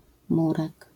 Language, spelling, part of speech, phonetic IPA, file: Polish, murek, noun, [ˈmurɛk], LL-Q809 (pol)-murek.wav